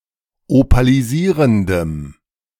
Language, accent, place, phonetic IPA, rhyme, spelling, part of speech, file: German, Germany, Berlin, [opaliˈziːʁəndəm], -iːʁəndəm, opalisierendem, adjective, De-opalisierendem.ogg
- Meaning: strong dative masculine/neuter singular of opalisierend